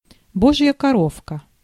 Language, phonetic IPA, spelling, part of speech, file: Russian, [ˈboʐjə kɐˈrofkə], божья коровка, noun, Ru-божья коровка.ogg
- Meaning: 1. ladybug, ladybird 2. meek creature, lamb (a harmless, quiet person who cannot defend himself)